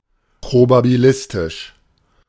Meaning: probabilistic
- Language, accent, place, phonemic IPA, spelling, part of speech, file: German, Germany, Berlin, /pʁobabiˈlɪstɪʃ/, probabilistisch, adjective, De-probabilistisch.ogg